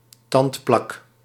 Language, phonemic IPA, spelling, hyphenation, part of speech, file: Dutch, /ˈtɑnt.plɑk/, tandplak, tand‧plak, noun, Nl-tandplak.ogg
- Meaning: alternative spelling of tandplaque